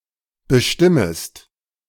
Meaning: second-person singular subjunctive I of bestimmen
- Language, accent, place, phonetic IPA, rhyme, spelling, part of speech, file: German, Germany, Berlin, [bəˈʃtɪməst], -ɪməst, bestimmest, verb, De-bestimmest.ogg